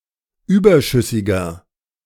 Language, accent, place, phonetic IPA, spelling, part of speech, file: German, Germany, Berlin, [ˈyːbɐˌʃʏsɪɡɐ], überschüssiger, adjective, De-überschüssiger.ogg
- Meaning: inflection of überschüssig: 1. strong/mixed nominative masculine singular 2. strong genitive/dative feminine singular 3. strong genitive plural